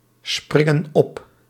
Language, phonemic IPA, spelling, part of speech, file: Dutch, /ˈsprɪŋə(n) ˈɔp/, springen op, verb, Nl-springen op.ogg
- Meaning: inflection of opspringen: 1. plural present indicative 2. plural present subjunctive